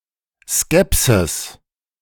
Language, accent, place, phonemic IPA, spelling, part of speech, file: German, Germany, Berlin, /ˈskɛpsɪs/, Skepsis, noun, De-Skepsis.ogg
- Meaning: skepticism (general disposition to doubt)